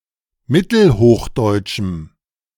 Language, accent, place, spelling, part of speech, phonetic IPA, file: German, Germany, Berlin, mittelhochdeutschem, adjective, [ˈmɪtl̩ˌhoːxdɔɪ̯tʃm̩], De-mittelhochdeutschem.ogg
- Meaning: strong dative masculine/neuter singular of mittelhochdeutsch